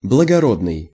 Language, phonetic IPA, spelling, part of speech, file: Russian, [bɫəɡɐˈrodnɨj], благородный, adjective / noun, Ru-благородный.ogg
- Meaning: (adjective) 1. noble, aristocratic, wellborn (of the nobility, of the high-born class, especially in Russia before 1917) 2. noble (in spirit), gentle 3. selfless, generous